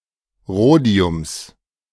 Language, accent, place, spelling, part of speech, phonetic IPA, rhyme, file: German, Germany, Berlin, Rhodiums, noun, [ˈʁoːdi̯ʊms], -oːdi̯ʊms, De-Rhodiums.ogg
- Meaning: genitive singular of Rhodium